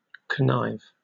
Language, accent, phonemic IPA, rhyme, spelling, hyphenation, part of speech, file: English, Received Pronunciation, /kəˈnaɪv/, -aɪv, connive, con‧nive, verb, En-uk-connive.oga
- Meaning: 1. To secretly cooperate with other people in order to commit a crime or other wrongdoing; to collude, to conspire 2. Of parts of a plant: to be converging or in close contact; to be connivent